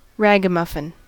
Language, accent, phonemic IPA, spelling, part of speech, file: English, US, /ˈɹæɡəˌmʌfɪn/, ragamuffin, noun, En-us-ragamuffin.ogg
- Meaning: 1. A dirty, shabbily-clothed child; an urchin 2. A hooligan or troublemaker 3. Alternative letter-case form of Ragamuffin (“a breed of domestic cat”)